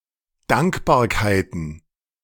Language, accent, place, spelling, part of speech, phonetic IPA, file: German, Germany, Berlin, Dankbarkeiten, noun, [ˈdaŋkbaːɐ̯kaɪ̯tn̩], De-Dankbarkeiten.ogg
- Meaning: plural of Dankbarkeit